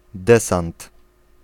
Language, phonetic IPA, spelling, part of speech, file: Polish, [ˈdɛsãnt], desant, noun, Pl-desant.ogg